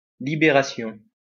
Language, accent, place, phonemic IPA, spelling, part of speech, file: French, France, Lyon, /li.be.ʁa.sjɔ̃/, libération, noun, LL-Q150 (fra)-libération.wav
- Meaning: 1. deliverance 2. release 3. discharge 4. liberation